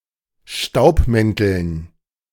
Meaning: dative plural of Staubmantel
- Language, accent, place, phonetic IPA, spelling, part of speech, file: German, Germany, Berlin, [ˈʃtaʊ̯pˌmɛntl̩n], Staubmänteln, noun, De-Staubmänteln.ogg